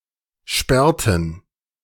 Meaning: inflection of sperren: 1. first/third-person plural preterite 2. first/third-person plural subjunctive II
- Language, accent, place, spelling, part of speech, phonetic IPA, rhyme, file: German, Germany, Berlin, sperrten, verb, [ˈʃpɛʁtn̩], -ɛʁtn̩, De-sperrten.ogg